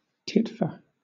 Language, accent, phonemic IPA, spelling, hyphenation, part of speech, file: English, Southern England, /ˈtɪtfə/, titfer, tit‧fer, noun, LL-Q1860 (eng)-titfer.wav
- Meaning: A hat